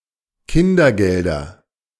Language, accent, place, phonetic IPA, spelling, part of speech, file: German, Germany, Berlin, [ˈkɪndɐˌɡɛldɐ], Kindergelder, noun, De-Kindergelder.ogg
- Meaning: nominative/accusative/genitive plural of Kindergeld